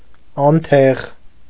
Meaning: 1. hot coal, ember 2. ash-covered charcoal
- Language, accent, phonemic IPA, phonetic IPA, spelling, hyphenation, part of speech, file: Armenian, Eastern Armenian, /ɑnˈtʰeʁ/, [ɑntʰéʁ], անթեղ, ան‧թեղ, noun, Hy-անթեղ.ogg